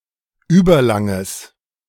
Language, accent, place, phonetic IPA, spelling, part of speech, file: German, Germany, Berlin, [ˈyːbɐˌlaŋəs], überlanges, adjective, De-überlanges.ogg
- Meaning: strong/mixed nominative/accusative neuter singular of überlang